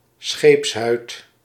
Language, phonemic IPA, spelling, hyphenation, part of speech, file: Dutch, /ˈsxeːps.ɦœy̯t/, scheepshuid, scheeps‧huid, noun, Nl-scheepshuid.ogg
- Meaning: the hull of a ship, the plating or planking of a ship